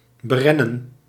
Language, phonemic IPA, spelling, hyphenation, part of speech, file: Dutch, /bəˈrɛ.nə(n)/, berennen, be‧ren‧nen, verb, Nl-berennen.ogg
- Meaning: 1. to surround and lay siege to; to cordon and besiege 2. to run on